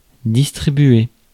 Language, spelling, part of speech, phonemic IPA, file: French, distribuer, verb, /dis.tʁi.bɥe/, Fr-distribuer.ogg
- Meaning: to distribute